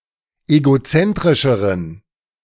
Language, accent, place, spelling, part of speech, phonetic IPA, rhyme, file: German, Germany, Berlin, egozentrischeren, adjective, [eɡoˈt͡sɛntʁɪʃəʁən], -ɛntʁɪʃəʁən, De-egozentrischeren.ogg
- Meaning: inflection of egozentrisch: 1. strong genitive masculine/neuter singular comparative degree 2. weak/mixed genitive/dative all-gender singular comparative degree